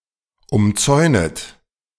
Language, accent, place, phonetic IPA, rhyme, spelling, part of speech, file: German, Germany, Berlin, [ʊmˈt͡sɔɪ̯nət], -ɔɪ̯nət, umzäunet, verb, De-umzäunet.ogg
- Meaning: second-person plural subjunctive I of umzäunen